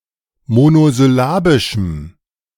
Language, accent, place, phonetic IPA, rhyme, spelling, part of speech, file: German, Germany, Berlin, [monozʏˈlaːbɪʃm̩], -aːbɪʃm̩, monosyllabischem, adjective, De-monosyllabischem.ogg
- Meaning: strong dative masculine/neuter singular of monosyllabisch